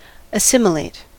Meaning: 1. To incorporate nutrients into the body, especially after digestion 2. To incorporate or absorb (knowledge) into the mind 3. To absorb (a person or people) into a community or culture
- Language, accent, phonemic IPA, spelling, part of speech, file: English, US, /əˈsɪm.ɪ.leɪt/, assimilate, verb, En-us-assimilate.ogg